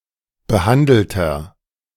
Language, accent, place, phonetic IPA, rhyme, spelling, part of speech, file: German, Germany, Berlin, [bəˈhandl̩tɐ], -andl̩tɐ, behandelter, adjective, De-behandelter.ogg
- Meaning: inflection of behandelt: 1. strong/mixed nominative masculine singular 2. strong genitive/dative feminine singular 3. strong genitive plural